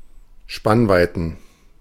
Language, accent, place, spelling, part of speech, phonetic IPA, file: German, Germany, Berlin, Spannweiten, noun, [ˈʃpanˌvaɪ̯tn̩], De-Spannweiten.ogg
- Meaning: plural of Spannweite